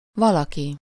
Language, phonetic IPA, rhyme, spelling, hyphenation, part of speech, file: Hungarian, [ˈvɒlɒki], -ki, valaki, va‧la‧ki, pronoun, Hu-valaki.ogg
- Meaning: somebody, someone (abbreviated as vki)